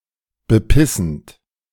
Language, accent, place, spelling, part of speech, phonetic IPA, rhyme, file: German, Germany, Berlin, bepissend, verb, [bəˈpɪsn̩t], -ɪsn̩t, De-bepissend.ogg
- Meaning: present participle of bepissen